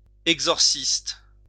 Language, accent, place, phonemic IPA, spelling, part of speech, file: French, France, Lyon, /ɛɡ.zɔʁ.sist/, exorciste, noun, LL-Q150 (fra)-exorciste.wav
- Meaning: exorcist